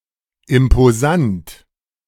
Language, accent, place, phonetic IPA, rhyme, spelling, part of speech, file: German, Germany, Berlin, [ɪmpoˈzant], -ant, imposant, adjective, De-imposant.ogg
- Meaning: impressive, imposing